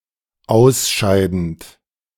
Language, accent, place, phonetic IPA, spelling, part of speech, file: German, Germany, Berlin, [ˈaʊ̯sˌʃaɪ̯dn̩t], ausscheidend, verb, De-ausscheidend.ogg
- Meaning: present participle of ausscheiden